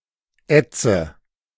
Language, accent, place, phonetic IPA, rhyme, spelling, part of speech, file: German, Germany, Berlin, [ˈɛt͡sə], -ɛt͡sə, ätze, verb, De-ätze.ogg
- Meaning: inflection of ätzen: 1. first-person singular present 2. first/third-person singular subjunctive I 3. singular imperative